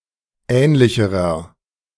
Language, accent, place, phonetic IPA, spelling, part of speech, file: German, Germany, Berlin, [ˈɛːnlɪçəʁɐ], ähnlicherer, adjective, De-ähnlicherer.ogg
- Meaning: inflection of ähnlich: 1. strong/mixed nominative masculine singular comparative degree 2. strong genitive/dative feminine singular comparative degree 3. strong genitive plural comparative degree